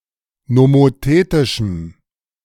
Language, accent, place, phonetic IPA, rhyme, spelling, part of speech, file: German, Germany, Berlin, [nomoˈteːtɪʃm̩], -eːtɪʃm̩, nomothetischem, adjective, De-nomothetischem.ogg
- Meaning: strong dative masculine/neuter singular of nomothetisch